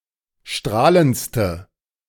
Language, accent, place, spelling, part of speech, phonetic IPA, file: German, Germany, Berlin, strahlendste, adjective, [ˈʃtʁaːlənt͡stə], De-strahlendste.ogg
- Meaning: inflection of strahlend: 1. strong/mixed nominative/accusative feminine singular superlative degree 2. strong nominative/accusative plural superlative degree